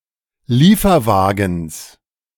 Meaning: genitive singular of Lieferwagen
- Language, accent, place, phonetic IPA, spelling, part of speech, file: German, Germany, Berlin, [ˈliːfɐˌvaːɡn̩s], Lieferwagens, noun, De-Lieferwagens.ogg